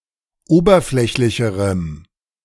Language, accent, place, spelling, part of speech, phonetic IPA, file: German, Germany, Berlin, oberflächlicherem, adjective, [ˈoːbɐˌflɛçlɪçəʁəm], De-oberflächlicherem.ogg
- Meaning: strong dative masculine/neuter singular comparative degree of oberflächlich